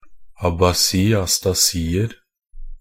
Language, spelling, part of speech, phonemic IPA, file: Norwegian Bokmål, abasi-astasier, noun, /abaˈsiː.astaˈsiːər/, Nb-abasi-astasier.ogg
- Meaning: indefinite plural of abasi-astasi